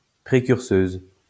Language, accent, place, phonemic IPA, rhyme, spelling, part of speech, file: French, France, Lyon, /pʁe.kyʁ.søz/, -øz, précurseuse, noun, LL-Q150 (fra)-précurseuse.wav
- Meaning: female equivalent of précurseur